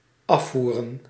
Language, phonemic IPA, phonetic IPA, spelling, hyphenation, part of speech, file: Dutch, /ˈɑf.vu.rə(n)/, [ˈɑ.fuː.rə(n)], afvoeren, af‧voe‧ren, verb / noun, Nl-afvoeren.ogg
- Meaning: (verb) 1. to bring away, to lead away 2. to can (to discard an idea, a play); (noun) plural of afvoer